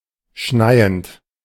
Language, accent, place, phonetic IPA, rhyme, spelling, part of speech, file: German, Germany, Berlin, [ˈʃnaɪ̯ənt], -aɪ̯ənt, schneiend, verb, De-schneiend.ogg
- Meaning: present participle of schneien